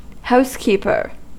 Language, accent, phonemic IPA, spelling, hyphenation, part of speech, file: English, US, /ˈhaʊskipɚ/, housekeeper, house‧keep‧er, noun, En-us-housekeeper.ogg